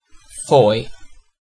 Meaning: A small town, port, and civil parish with a town council on the south coast of Cornwall, England (OS grid ref SX1251)
- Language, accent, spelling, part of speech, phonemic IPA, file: English, UK, Fowey, proper noun, /ˈfɔɪ/, En-uk-Fowey.ogg